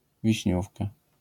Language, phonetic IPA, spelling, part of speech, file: Polish, [vʲiɕˈɲufka], wiśniówka, noun, LL-Q809 (pol)-wiśniówka.wav